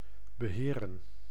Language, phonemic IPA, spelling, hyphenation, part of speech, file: Dutch, /bəˈɦeːrə(n)/, beheren, be‧he‧ren, verb, Nl-beheren.ogg
- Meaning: to manage, administer